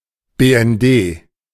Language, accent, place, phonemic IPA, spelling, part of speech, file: German, Germany, Berlin, /ˌbeː.ɛnˈdeː/, BND, proper noun, De-BND.ogg
- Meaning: initialism of Bundesnachrichtendienst, Federal Intelligence Service, the foreign intelligence agency of the German (or formerly West German) government